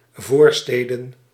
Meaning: plural of voorstad
- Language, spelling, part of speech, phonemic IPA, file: Dutch, voorsteden, noun, /ˈvorstedə(n)/, Nl-voorsteden.ogg